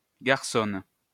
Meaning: 1. tomboy 2. ladette 3. flapper 4. boyshorts (Canada)
- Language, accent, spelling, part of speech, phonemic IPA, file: French, France, garçonne, noun, /ɡaʁ.sɔn/, LL-Q150 (fra)-garçonne.wav